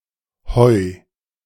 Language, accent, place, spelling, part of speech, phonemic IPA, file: German, Germany, Berlin, hoi, interjection, /hɔʏ̯/, De-hoi.ogg
- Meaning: hi! an informal greeting acknowledging someone’s arrival or presence